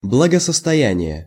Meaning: well-being, prosperity, welfare (state of health, happiness and/or prosperity)
- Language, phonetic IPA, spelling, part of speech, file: Russian, [bɫəɡəsəstɐˈjænʲɪje], благосостояние, noun, Ru-благосостояние.ogg